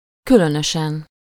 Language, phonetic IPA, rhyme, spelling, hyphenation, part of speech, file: Hungarian, [ˈkylønøʃɛn], -ɛn, különösen, kü‧lö‧nö‧sen, adverb / adjective, Hu-különösen.ogg
- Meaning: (adverb) 1. particularly, especially 2. oddly, weirdly, unusually, strangely; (adjective) superessive singular of különös